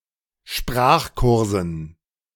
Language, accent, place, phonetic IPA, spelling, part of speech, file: German, Germany, Berlin, [ˈʃpʁaːxˌkʊʁzn̩], Sprachkursen, noun, De-Sprachkursen.ogg
- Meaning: dative plural of Sprachkurs